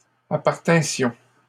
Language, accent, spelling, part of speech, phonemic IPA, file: French, Canada, appartinssions, verb, /a.paʁ.tɛ̃.sjɔ̃/, LL-Q150 (fra)-appartinssions.wav
- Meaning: first-person plural imperfect subjunctive of appartenir